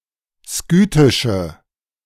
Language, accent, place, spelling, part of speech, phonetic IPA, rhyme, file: German, Germany, Berlin, skythische, adjective, [ˈskyːtɪʃə], -yːtɪʃə, De-skythische.ogg
- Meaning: inflection of skythisch: 1. strong/mixed nominative/accusative feminine singular 2. strong nominative/accusative plural 3. weak nominative all-gender singular